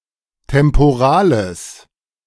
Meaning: strong/mixed nominative/accusative neuter singular of temporal
- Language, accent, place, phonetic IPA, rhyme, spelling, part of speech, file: German, Germany, Berlin, [tɛmpoˈʁaːləs], -aːləs, temporales, adjective, De-temporales.ogg